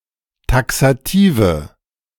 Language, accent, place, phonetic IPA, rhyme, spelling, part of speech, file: German, Germany, Berlin, [ˌtaksaˈtiːvə], -iːvə, taxative, adjective, De-taxative.ogg
- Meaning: inflection of taxativ: 1. strong/mixed nominative/accusative feminine singular 2. strong nominative/accusative plural 3. weak nominative all-gender singular 4. weak accusative feminine/neuter singular